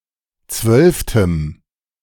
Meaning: strong dative masculine/neuter singular of zwölfte
- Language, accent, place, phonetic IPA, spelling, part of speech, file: German, Germany, Berlin, [ˈt͡svœlftəm], zwölftem, adjective, De-zwölftem.ogg